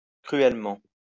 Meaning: 1. cruelly 2. desperately, sorely
- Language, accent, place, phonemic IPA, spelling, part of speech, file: French, France, Lyon, /kʁy.ɛl.mɑ̃/, cruellement, adverb, LL-Q150 (fra)-cruellement.wav